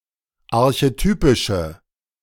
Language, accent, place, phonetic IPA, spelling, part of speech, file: German, Germany, Berlin, [aʁçeˈtyːpɪʃə], archetypische, adjective, De-archetypische.ogg
- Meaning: inflection of archetypisch: 1. strong/mixed nominative/accusative feminine singular 2. strong nominative/accusative plural 3. weak nominative all-gender singular